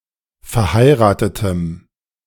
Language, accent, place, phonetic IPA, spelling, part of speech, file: German, Germany, Berlin, [fɛɐ̯ˈhaɪ̯ʁaːtətəm], verheiratetem, adjective, De-verheiratetem.ogg
- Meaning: strong dative masculine/neuter singular of verheiratet